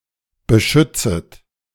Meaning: second-person plural subjunctive I of beschützen
- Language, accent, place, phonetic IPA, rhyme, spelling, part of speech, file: German, Germany, Berlin, [bəˈʃʏt͡sət], -ʏt͡sət, beschützet, verb, De-beschützet.ogg